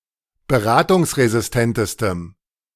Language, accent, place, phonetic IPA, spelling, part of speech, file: German, Germany, Berlin, [bəˈʁaːtʊŋsʁezɪsˌtɛntəstəm], beratungsresistentestem, adjective, De-beratungsresistentestem.ogg
- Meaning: strong dative masculine/neuter singular superlative degree of beratungsresistent